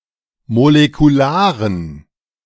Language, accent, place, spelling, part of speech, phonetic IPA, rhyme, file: German, Germany, Berlin, molekularen, adjective, [molekuˈlaːʁən], -aːʁən, De-molekularen.ogg
- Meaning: inflection of molekular: 1. strong genitive masculine/neuter singular 2. weak/mixed genitive/dative all-gender singular 3. strong/weak/mixed accusative masculine singular 4. strong dative plural